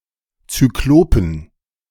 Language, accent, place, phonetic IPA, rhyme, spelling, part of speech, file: German, Germany, Berlin, [t͡syˈkloːpn̩], -oːpn̩, Zyklopen, noun, De-Zyklopen.ogg
- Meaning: inflection of Zyklop: 1. genitive/dative/accusative singular 2. all-case plural